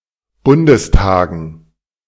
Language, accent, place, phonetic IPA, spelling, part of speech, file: German, Germany, Berlin, [ˈbʊndəsˌtaːɡn̩], Bundestagen, noun, De-Bundestagen.ogg
- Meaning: dative plural of Bundestag